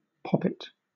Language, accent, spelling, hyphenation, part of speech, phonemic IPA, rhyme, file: English, Southern England, poppet, pop‧pet, noun, /ˈpɒ.pɪt/, -ɒpɪt, LL-Q1860 (eng)-poppet.wav
- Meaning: 1. An endearingly sweet or beautiful child 2. A young woman or girl 3. The stem and valve head in a poppet valve